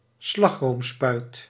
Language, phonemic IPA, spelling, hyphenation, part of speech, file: Dutch, /ˈslɑx.roːmˌspœy̯t/, slagroomspuit, slag‧room‧spuit, noun, Nl-slagroomspuit.ogg
- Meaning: cream spray (for whipped cream)